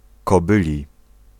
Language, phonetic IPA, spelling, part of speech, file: Polish, [kɔˈbɨlʲi], kobyli, adjective, Pl-kobyli.ogg